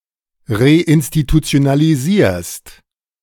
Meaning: second-person singular present of reinstitutionalisieren
- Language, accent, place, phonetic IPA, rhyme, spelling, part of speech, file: German, Germany, Berlin, [ʁeʔɪnstitut͡si̯onaliˈziːɐ̯st], -iːɐ̯st, reinstitutionalisierst, verb, De-reinstitutionalisierst.ogg